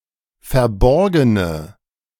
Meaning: inflection of verborgen: 1. strong/mixed nominative/accusative feminine singular 2. strong nominative/accusative plural 3. weak nominative all-gender singular
- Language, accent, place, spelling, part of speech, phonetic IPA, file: German, Germany, Berlin, verborgene, adjective, [fɛɐ̯ˈbɔʁɡənə], De-verborgene.ogg